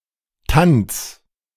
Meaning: genitive of Tand
- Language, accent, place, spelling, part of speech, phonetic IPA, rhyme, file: German, Germany, Berlin, Tands, noun, [tant͡s], -ant͡s, De-Tands.ogg